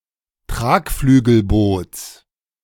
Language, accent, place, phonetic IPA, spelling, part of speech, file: German, Germany, Berlin, [ˈtʁaːkflyːɡl̩ˌboːt͡s], Tragflügelboots, noun, De-Tragflügelboots.ogg
- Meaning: genitive singular of Tragflügelboot